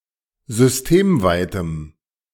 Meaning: strong dative masculine/neuter singular of systemweit
- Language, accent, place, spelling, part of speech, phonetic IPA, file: German, Germany, Berlin, systemweitem, adjective, [zʏsˈteːmˌvaɪ̯təm], De-systemweitem.ogg